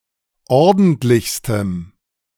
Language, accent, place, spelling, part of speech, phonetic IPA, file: German, Germany, Berlin, ordentlichstem, adjective, [ˈɔʁdn̩tlɪçstəm], De-ordentlichstem.ogg
- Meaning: strong dative masculine/neuter singular superlative degree of ordentlich